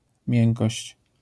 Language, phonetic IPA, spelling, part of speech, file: Polish, [ˈmʲjɛ̃ŋkɔɕt͡ɕ], miękkość, noun, LL-Q809 (pol)-miękkość.wav